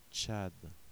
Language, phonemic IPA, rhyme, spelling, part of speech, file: French, /tʃad/, -ad, Tchad, proper noun, Fr-Tchad.ogg
- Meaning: Chad (a country in Central Africa)